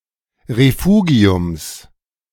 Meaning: genitive of Refugium
- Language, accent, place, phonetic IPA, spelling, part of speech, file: German, Germany, Berlin, [ʁeˈfuːɡi̯ʊms], Refugiums, noun, De-Refugiums.ogg